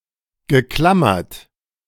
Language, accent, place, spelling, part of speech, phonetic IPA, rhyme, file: German, Germany, Berlin, geklammert, verb, [ɡəˈklamɐt], -amɐt, De-geklammert.ogg
- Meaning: past participle of klammern